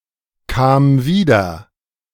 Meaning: first/third-person singular preterite of wiederkommen
- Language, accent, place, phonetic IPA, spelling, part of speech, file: German, Germany, Berlin, [ˌkaːm ˈviːdɐ], kam wieder, verb, De-kam wieder.ogg